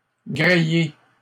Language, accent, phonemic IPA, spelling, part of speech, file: French, Canada, /ɡʁe.e/, gréer, verb, LL-Q150 (fra)-gréer.wav
- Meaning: to rig